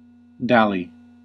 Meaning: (verb) 1. To waste time in trivial activities, or in idleness; to trifle 2. To caress, especially of a sexual nature; to fondle or pet 3. To delay unnecessarily; to while away
- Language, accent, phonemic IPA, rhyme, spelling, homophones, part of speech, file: English, US, /ˈdæli/, -æli, dally, DALY, verb / noun, En-us-dally.ogg